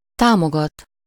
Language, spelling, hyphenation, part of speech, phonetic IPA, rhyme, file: Hungarian, támogat, tá‧mo‧gat, verb, [ˈtaːmoɡɒt], -ɒt, Hu-támogat.ogg
- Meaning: to support, assist, back